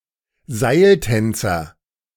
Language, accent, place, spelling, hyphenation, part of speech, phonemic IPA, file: German, Germany, Berlin, Seiltänzer, Seil‧tän‧zer, noun, /ˈzaɪ̯lˌtɛnt͡sɐ/, De-Seiltänzer.ogg
- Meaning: tightrope walker